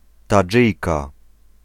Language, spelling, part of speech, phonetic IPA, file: Polish, Tadżyjka, noun, [taˈd͡ʒɨjka], Pl-Tadżyjka.ogg